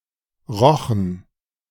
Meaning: first/third-person plural preterite of riechen
- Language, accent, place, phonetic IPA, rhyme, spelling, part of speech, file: German, Germany, Berlin, [ˈʁɔxn̩], -ɔxn̩, rochen, verb, De-rochen.ogg